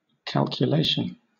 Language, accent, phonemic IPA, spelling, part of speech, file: English, Southern England, /ˌkælkjuˈleɪʃn̩/, calculation, noun, LL-Q1860 (eng)-calculation.wav
- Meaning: 1. The act or process of calculating 2. The result of calculating 3. Reckoning, estimate 4. An expectation based on circumstances